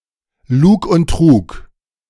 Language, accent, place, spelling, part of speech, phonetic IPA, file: German, Germany, Berlin, Lug und Trug, noun, [ˈluːk ʊnt ˈtʁuːk], De-Lug und Trug.ogg
- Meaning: lies and deceit; smoke and mirrors